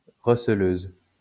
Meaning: female equivalent of receleur
- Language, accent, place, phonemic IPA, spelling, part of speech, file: French, France, Lyon, /ʁə.s(ə).løz/, receleuse, noun, LL-Q150 (fra)-receleuse.wav